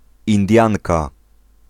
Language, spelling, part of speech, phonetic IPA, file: Polish, Indianka, noun, [ĩnˈdʲjãŋka], Pl-Indianka.ogg